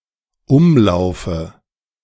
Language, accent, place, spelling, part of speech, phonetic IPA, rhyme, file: German, Germany, Berlin, Umlaufe, noun, [ˈʊmˌlaʊ̯fə], -ʊmlaʊ̯fə, De-Umlaufe.ogg
- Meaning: dative of Umlauf